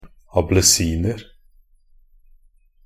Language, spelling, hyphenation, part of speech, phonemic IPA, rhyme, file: Norwegian Bokmål, ablesiner, a‧ble‧sin‧er, noun, /abləˈsiːnər/, -ər, Nb-ablesiner.ogg
- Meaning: indefinite plural of ablesin